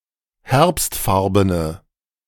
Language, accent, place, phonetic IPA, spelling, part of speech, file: German, Germany, Berlin, [ˈhɛʁpstˌfaʁbənə], herbstfarbene, adjective, De-herbstfarbene.ogg
- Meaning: inflection of herbstfarben: 1. strong/mixed nominative/accusative feminine singular 2. strong nominative/accusative plural 3. weak nominative all-gender singular